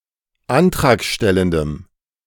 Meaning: strong dative masculine/neuter singular of antragstellend
- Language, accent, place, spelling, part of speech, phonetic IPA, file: German, Germany, Berlin, antragstellendem, adjective, [ˈantʁaːkˌʃtɛləndəm], De-antragstellendem.ogg